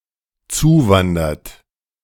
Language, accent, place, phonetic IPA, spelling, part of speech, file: German, Germany, Berlin, [ˈt͡suːˌvandɐt], zuwandert, verb, De-zuwandert.ogg
- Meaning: inflection of zuwandern: 1. third-person singular dependent present 2. second-person plural dependent present